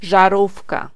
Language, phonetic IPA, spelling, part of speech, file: Polish, [ʒaˈrufka], żarówka, noun, Pl-żarówka.ogg